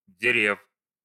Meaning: genitive plural of де́рево (dérevo)
- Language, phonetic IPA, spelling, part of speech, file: Russian, [dʲɪˈrʲef], дерев, noun, Ru-дере́в.ogg